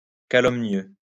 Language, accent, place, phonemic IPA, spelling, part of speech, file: French, France, Lyon, /ka.lɔm.njø/, calomnieux, adjective, LL-Q150 (fra)-calomnieux.wav
- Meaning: calumnious